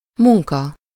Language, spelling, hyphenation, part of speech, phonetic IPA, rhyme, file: Hungarian, munka, mun‧ka, noun, [ˈmuŋkɒ], -kɒ, Hu-munka.ogg
- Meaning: 1. work, job 2. work 3. work (literary, artistic, or intellectual production)